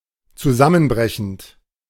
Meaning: present participle of zusammenbrechen
- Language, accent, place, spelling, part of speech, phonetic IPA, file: German, Germany, Berlin, zusammenbrechend, verb, [t͡suˈzamənˌbʁɛçn̩t], De-zusammenbrechend.ogg